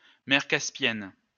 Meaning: Caspian Sea
- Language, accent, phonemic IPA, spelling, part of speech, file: French, France, /mɛʁ kas.pjɛn/, mer Caspienne, proper noun, LL-Q150 (fra)-mer Caspienne.wav